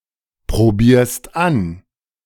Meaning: second-person singular present of anprobieren
- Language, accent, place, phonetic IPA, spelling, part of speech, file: German, Germany, Berlin, [pʁoˌbiːɐ̯st ˈan], probierst an, verb, De-probierst an.ogg